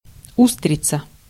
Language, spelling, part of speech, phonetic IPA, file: Russian, устрица, noun, [ˈustrʲɪt͡sə], Ru-устрица.ogg
- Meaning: oyster (mollusk)